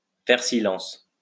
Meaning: to be quiet
- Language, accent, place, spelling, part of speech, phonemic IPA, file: French, France, Lyon, faire silence, verb, /fɛʁ si.lɑ̃s/, LL-Q150 (fra)-faire silence.wav